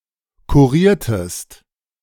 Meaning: inflection of kurieren: 1. second-person singular preterite 2. second-person singular subjunctive II
- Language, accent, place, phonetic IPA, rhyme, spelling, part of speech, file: German, Germany, Berlin, [kuˈʁiːɐ̯təst], -iːɐ̯təst, kuriertest, verb, De-kuriertest.ogg